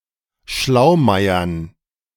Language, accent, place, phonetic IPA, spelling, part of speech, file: German, Germany, Berlin, [ˈʃlaʊ̯ˌmaɪ̯ɐn], Schlaumeiern, noun, De-Schlaumeiern.ogg
- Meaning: dative plural of Schlaumeier